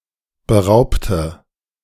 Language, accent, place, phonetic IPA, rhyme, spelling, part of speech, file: German, Germany, Berlin, [bəˈʁaʊ̯ptə], -aʊ̯ptə, beraubte, adjective / verb, De-beraubte.ogg
- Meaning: inflection of berauben: 1. first/third-person singular preterite 2. first/third-person singular subjunctive II